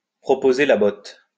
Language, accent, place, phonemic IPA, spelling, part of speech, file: French, France, Lyon, /pʁɔ.po.ze la bɔt/, proposer la botte, verb, LL-Q150 (fra)-proposer la botte.wav
- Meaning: to proposition, to make sexual advances to, to offer (someone) to have sex with one